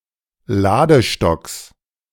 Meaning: genitive singular of Ladestock
- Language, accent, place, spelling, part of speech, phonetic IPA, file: German, Germany, Berlin, Ladestocks, noun, [ˈlaːdəˌʃtɔks], De-Ladestocks.ogg